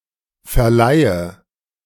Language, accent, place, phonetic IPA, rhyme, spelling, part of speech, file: German, Germany, Berlin, [fɛɐ̯ˈlaɪ̯ə], -aɪ̯ə, verleihe, verb, De-verleihe.ogg
- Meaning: inflection of verleihen: 1. first-person singular present 2. first/third-person singular subjunctive I 3. singular imperative